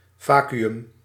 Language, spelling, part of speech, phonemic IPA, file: Dutch, vacuüm, noun / adjective, /ˈvaː.ky.ʏm/, Nl-vacuüm.ogg
- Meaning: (noun) 1. a vacuum 2. emptiness, meaninglessness; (adjective) 1. in or constituting a vacuum 2. empty, meaningless